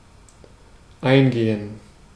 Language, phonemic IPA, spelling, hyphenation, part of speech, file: German, /ˈaɪ̯nˌɡeːən/, eingehen, ein‧ge‧hen, verb, De-eingehen.ogg
- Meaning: 1. to enter; to go inside 2. to arrive (of everything that can be received such postal items, reports, messages and payments) 3. to contract, to shrivel; (especially of clothes) to shrink in the wash